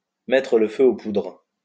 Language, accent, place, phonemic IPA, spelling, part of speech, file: French, France, Lyon, /mɛ.tʁə l(ə) fø o pudʁ/, mettre le feu aux poudres, verb, LL-Q150 (fra)-mettre le feu aux poudres.wav
- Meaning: to spark off a crisis, to spark things off, to stir up a hornets' nest, to light the touch paper